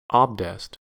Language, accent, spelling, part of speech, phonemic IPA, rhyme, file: English, US, abdest, noun, /ˈɑb.dɛst/, -ɑbdɛst, En-us-abdest.ogg
- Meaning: The Islamic act of washing parts of the body using water for ritual prayers and for handling and reading the Qur'an